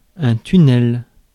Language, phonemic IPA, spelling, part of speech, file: French, /ty.nɛl/, tunnel, noun, Fr-tunnel.ogg
- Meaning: tunnel